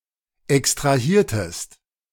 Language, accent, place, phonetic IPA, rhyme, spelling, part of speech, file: German, Germany, Berlin, [ɛkstʁaˈhiːɐ̯təst], -iːɐ̯təst, extrahiertest, verb, De-extrahiertest.ogg
- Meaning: inflection of extrahieren: 1. second-person singular preterite 2. second-person singular subjunctive II